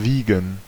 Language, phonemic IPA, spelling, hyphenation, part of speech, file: German, /ˈviːɡən/, wiegen, wie‧gen, verb, De-wiegen.ogg
- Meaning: 1. to weigh; to be of a certain weight 2. to weigh; to measure the weight of 3. to move (something) from side to side; to sway; to shake; to rock 4. to chop (e.g. herbs); to mince